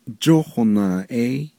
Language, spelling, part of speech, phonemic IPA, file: Navajo, jóhonaaʼéí, noun, /t͡ʃóhònàːʔɛ́ɪ́/, Nv-jóhonaaʼéí.ogg
- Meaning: 1. sunbearer 2. Sun, sun 3. watch, clock